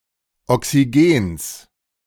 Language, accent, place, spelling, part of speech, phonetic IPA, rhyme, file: German, Germany, Berlin, Oxygens, noun, [ɔksiˈɡeːns], -eːns, De-Oxygens.ogg
- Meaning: genitive of Oxygen